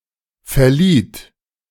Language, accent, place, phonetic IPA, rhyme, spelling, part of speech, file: German, Germany, Berlin, [fɛɐ̯ˈliːt], -iːt, verlieht, verb, De-verlieht.ogg
- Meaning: second-person plural preterite of verleihen